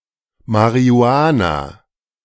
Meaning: marijuana
- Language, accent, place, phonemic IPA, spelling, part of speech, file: German, Germany, Berlin, /mari̯uˈaːna/, Marihuana, noun, De-Marihuana.ogg